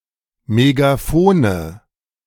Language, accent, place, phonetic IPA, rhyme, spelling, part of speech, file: German, Germany, Berlin, [meɡaˈfoːnə], -oːnə, Megaphone, noun, De-Megaphone.ogg
- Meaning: nominative/accusative/genitive plural of Megaphon